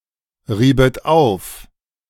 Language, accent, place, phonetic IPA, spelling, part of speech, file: German, Germany, Berlin, [ˌʁiːbət ˈaʊ̯f], riebet auf, verb, De-riebet auf.ogg
- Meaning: second-person plural subjunctive II of aufreiben